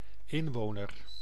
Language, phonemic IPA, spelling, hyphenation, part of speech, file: Dutch, /ˈɪnˌʋoːnər/, inwoner, in‧wo‧ner, noun, Nl-inwoner.ogg
- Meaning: inhabitant